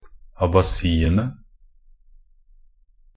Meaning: definite plural of abasi
- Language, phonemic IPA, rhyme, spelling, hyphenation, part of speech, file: Norwegian Bokmål, /abaˈsiːənə/, -ənə, abasiene, a‧ba‧si‧en‧e, noun, Nb-abasiene.ogg